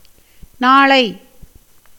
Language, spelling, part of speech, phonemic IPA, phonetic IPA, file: Tamil, நாளை, adverb / noun, /nɑːɭɐɪ̯/, [näːɭɐɪ̯], Ta-நாளை.ogg
- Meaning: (adverb) tomorrow; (noun) accusative of நாள் (nāḷ, “day”)